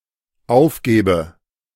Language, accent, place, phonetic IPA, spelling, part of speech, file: German, Germany, Berlin, [ˈaʊ̯fˌɡeːbə], aufgebe, verb, De-aufgebe.ogg
- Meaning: inflection of aufgeben: 1. first-person singular dependent present 2. first/third-person singular dependent subjunctive I